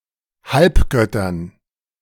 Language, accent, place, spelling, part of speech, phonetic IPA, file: German, Germany, Berlin, Halbgöttern, noun, [ˈhalpˌɡœtɐn], De-Halbgöttern.ogg
- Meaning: dative plural of Halbgott